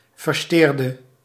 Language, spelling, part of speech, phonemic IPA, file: Dutch, versjteerde, verb, /vərˈʃterdə/, Nl-versjteerde.ogg
- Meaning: inflection of versjteren: 1. singular past indicative 2. singular past subjunctive